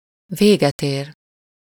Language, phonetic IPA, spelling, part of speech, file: Hungarian, [ˈveːɡɛteːr], véget ér, verb, Hu-véget ér.ogg
- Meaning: to come to an end, finish